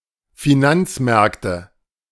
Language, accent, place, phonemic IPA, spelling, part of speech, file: German, Germany, Berlin, /fiˈnant͡sˌmɛʁktə/, Finanzmärkte, noun, De-Finanzmärkte.ogg
- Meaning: nominative/accusative/genitive plural of Finanzmarkt